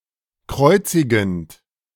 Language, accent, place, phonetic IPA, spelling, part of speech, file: German, Germany, Berlin, [ˈkʁɔɪ̯t͡sɪɡn̩t], kreuzigend, verb, De-kreuzigend.ogg
- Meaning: present participle of kreuzigen